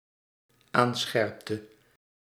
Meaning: inflection of aanscherpen: 1. singular dependent-clause past indicative 2. singular dependent-clause past subjunctive
- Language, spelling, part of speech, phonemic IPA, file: Dutch, aanscherpte, verb, /ˈansxɛrᵊptə/, Nl-aanscherpte.ogg